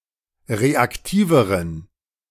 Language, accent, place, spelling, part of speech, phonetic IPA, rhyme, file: German, Germany, Berlin, reaktiveren, adjective, [ˌʁeakˈtiːvəʁən], -iːvəʁən, De-reaktiveren.ogg
- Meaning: inflection of reaktiv: 1. strong genitive masculine/neuter singular comparative degree 2. weak/mixed genitive/dative all-gender singular comparative degree